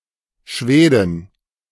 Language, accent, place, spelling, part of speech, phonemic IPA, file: German, Germany, Berlin, Schwedin, noun, /ˈʃveːdɪn/, De-Schwedin.ogg
- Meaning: female equivalent of Schwede (“Swede, Swedish person”)